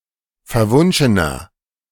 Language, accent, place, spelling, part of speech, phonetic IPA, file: German, Germany, Berlin, verwunschener, adjective, [fɛɐ̯ˈvʊnʃənɐ], De-verwunschener.ogg
- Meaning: 1. comparative degree of verwunschen 2. inflection of verwunschen: strong/mixed nominative masculine singular 3. inflection of verwunschen: strong genitive/dative feminine singular